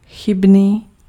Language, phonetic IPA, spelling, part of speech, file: Czech, [ˈxɪbniː], chybný, adjective, Cs-chybný.ogg
- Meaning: erroneous